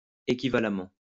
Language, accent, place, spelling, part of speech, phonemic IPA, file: French, France, Lyon, équivalemment, adverb, /e.ki.va.la.mɑ̃/, LL-Q150 (fra)-équivalemment.wav
- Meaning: equivalently